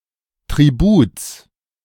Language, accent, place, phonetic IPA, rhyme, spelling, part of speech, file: German, Germany, Berlin, [tʁiˈbuːt͡s], -uːt͡s, Tributs, noun, De-Tributs.ogg
- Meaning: genitive of Tribut